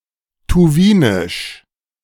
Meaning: of Tuva (a Russian republic in southern Siberia); Tuvan
- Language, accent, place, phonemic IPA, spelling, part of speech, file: German, Germany, Berlin, /tuˈviːnɪʃ/, tuwinisch, adjective, De-tuwinisch.ogg